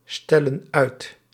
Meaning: inflection of uitstellen: 1. plural present indicative 2. plural present subjunctive
- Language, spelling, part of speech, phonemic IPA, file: Dutch, stellen uit, verb, /ˈstɛlə(n) ˈœyt/, Nl-stellen uit.ogg